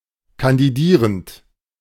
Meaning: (verb) present participle of kandidieren; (adjective) running for office
- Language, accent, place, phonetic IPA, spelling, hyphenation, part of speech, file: German, Germany, Berlin, [kandiˈdiːʁənt], kandidierend, kan‧di‧die‧rend, verb / adjective, De-kandidierend.ogg